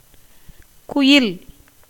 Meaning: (verb) 1. to utter, tell 2. to call, whoop, halloo 3. to make, execute, shape, construct 4. to weave 5. to plait, braid, intwine 6. to bore, perforate, tunnel 7. to enchase, set (as precious stones)
- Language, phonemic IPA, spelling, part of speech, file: Tamil, /kʊjɪl/, குயில், verb / noun, Ta-குயில்.ogg